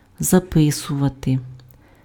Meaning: to write down, to note down, to put down, to record (set down in writing)
- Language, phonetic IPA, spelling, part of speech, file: Ukrainian, [zɐˈpɪsʊʋɐte], записувати, verb, Uk-записувати.ogg